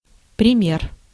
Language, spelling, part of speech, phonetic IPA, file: Russian, пример, noun, [prʲɪˈmʲer], Ru-пример.ogg
- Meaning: 1. example, instance 2. sample math problem, math exercise, math task (in a math book) 3. praxis